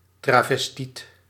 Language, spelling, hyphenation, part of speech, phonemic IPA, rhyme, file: Dutch, travestiet, tra‧ves‧tiet, noun, /traː.vəsˈtit/, -it, Nl-travestiet.ogg
- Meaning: transvestite